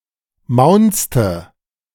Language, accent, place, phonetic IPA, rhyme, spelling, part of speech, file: German, Germany, Berlin, [ˈmaʊ̯nt͡stə], -aʊ̯nt͡stə, maunzte, verb, De-maunzte.ogg
- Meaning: first/third-person singular preterite of maunzen